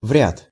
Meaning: hardly, scarcely
- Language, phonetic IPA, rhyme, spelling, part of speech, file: Russian, [vrʲat], -at, вряд, particle, Ru-вряд.ogg